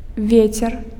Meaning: wind (real or perceived movement of atmospheric air usually caused by convection or differences in air pressure)
- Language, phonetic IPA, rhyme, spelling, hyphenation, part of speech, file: Belarusian, [ˈvʲet͡sʲer], -et͡sʲer, вецер, ве‧цер, noun, Be-вецер.ogg